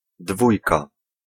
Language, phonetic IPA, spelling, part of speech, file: Polish, [ˈdvujka], dwójka, noun, Pl-dwójka.ogg